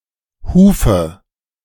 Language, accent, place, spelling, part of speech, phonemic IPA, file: German, Germany, Berlin, Hufe, noun, /ˈhuːfə/, De-Hufe.ogg
- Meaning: 1. a land unit approximately equal to a virgate 2. agricultural property, especially that owned by a free peasant (in this sense very common in blood and soil ideology)